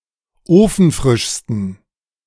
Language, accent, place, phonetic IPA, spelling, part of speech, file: German, Germany, Berlin, [ˈoːfn̩ˌfʁɪʃstn̩], ofenfrischsten, adjective, De-ofenfrischsten.ogg
- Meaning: 1. superlative degree of ofenfrisch 2. inflection of ofenfrisch: strong genitive masculine/neuter singular superlative degree